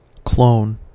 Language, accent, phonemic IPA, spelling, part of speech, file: English, US, /kloʊn/, clone, noun / verb, En-us-clone.ogg
- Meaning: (noun) 1. A living organism (originally a plant) produced asexually from a single ancestor, to which it is genetically identical 2. A group of identical cells derived from a single cell